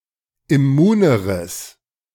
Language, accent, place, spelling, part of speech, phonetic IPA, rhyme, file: German, Germany, Berlin, immuneres, adjective, [ɪˈmuːnəʁəs], -uːnəʁəs, De-immuneres.ogg
- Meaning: strong/mixed nominative/accusative neuter singular comparative degree of immun